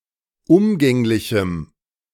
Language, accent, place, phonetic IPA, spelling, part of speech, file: German, Germany, Berlin, [ˈʊmɡɛŋlɪçm̩], umgänglichem, adjective, De-umgänglichem.ogg
- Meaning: strong dative masculine/neuter singular of umgänglich